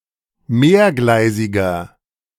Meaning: inflection of mehrgleisig: 1. strong/mixed nominative masculine singular 2. strong genitive/dative feminine singular 3. strong genitive plural
- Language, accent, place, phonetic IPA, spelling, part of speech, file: German, Germany, Berlin, [ˈmeːɐ̯ˌɡlaɪ̯zɪɡɐ], mehrgleisiger, adjective, De-mehrgleisiger.ogg